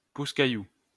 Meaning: plural of caillou
- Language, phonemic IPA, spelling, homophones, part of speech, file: French, /ka.ju/, cailloux, caillou, noun, LL-Q150 (fra)-cailloux.wav